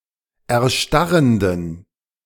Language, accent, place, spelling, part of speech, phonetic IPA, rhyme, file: German, Germany, Berlin, erstarrenden, adjective, [ɛɐ̯ˈʃtaʁəndn̩], -aʁəndn̩, De-erstarrenden.ogg
- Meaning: inflection of erstarrend: 1. strong genitive masculine/neuter singular 2. weak/mixed genitive/dative all-gender singular 3. strong/weak/mixed accusative masculine singular 4. strong dative plural